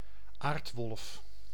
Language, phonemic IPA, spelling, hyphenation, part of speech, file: Dutch, /ˈaːrtˌʋɔlf/, aardwolf, aard‧wolf, noun, Nl-aardwolf.ogg
- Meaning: aardwolf